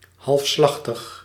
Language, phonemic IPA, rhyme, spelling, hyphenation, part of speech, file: Dutch, /ˌɦɑlfˈslɑx.təx/, -ɑxtəx, halfslachtig, half‧slach‧tig, adjective, Nl-halfslachtig.ogg
- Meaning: without much conviction or effort; halfhearted